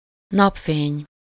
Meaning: sunlight, sun, sunshine
- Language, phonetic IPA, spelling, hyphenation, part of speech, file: Hungarian, [ˈnɒpfeːɲ], napfény, nap‧fény, noun, Hu-napfény.ogg